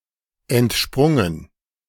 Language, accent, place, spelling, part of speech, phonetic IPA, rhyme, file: German, Germany, Berlin, entsprungen, verb, [ɛntˈʃpʁʊŋən], -ʊŋən, De-entsprungen.ogg
- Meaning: past participle of entspringen